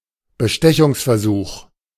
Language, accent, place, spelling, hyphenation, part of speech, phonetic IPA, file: German, Germany, Berlin, Bestechungsversuch, Be‧ste‧chungs‧ver‧such, noun, [bəˈʃtɛçʊŋsfɛɐ̯ˌzuːx], De-Bestechungsversuch.ogg
- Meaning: attempted bribery